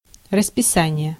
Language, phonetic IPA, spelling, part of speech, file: Russian, [rəspʲɪˈsanʲɪje], расписание, noun, Ru-расписание.ogg
- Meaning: 1. schedule (time-based plan of events) 2. timetable (trains, lessons, etc.)